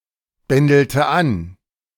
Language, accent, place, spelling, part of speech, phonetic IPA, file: German, Germany, Berlin, bändelte an, verb, [ˌbɛndl̩tə ˈan], De-bändelte an.ogg
- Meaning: inflection of anbändeln: 1. first/third-person singular preterite 2. first/third-person singular subjunctive II